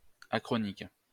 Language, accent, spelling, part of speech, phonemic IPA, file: French, France, achronique, adjective, /a.kʁɔ.nik/, LL-Q150 (fra)-achronique.wav
- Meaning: achronic (all senses)